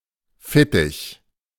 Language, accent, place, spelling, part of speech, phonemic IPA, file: German, Germany, Berlin, Fittich, noun, /ˈfɪtɪç/, De-Fittich.ogg
- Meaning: 1. wing, pinion 2. assistance, patronage, protection